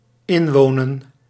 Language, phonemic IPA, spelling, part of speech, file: Dutch, /ˈɪɱwonə(n)/, inwonen, verb, Nl-inwonen.ogg
- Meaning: to move in